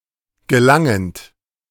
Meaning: present participle of gelangen
- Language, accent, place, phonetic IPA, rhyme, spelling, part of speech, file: German, Germany, Berlin, [ɡəˈlaŋənt], -aŋənt, gelangend, verb, De-gelangend.ogg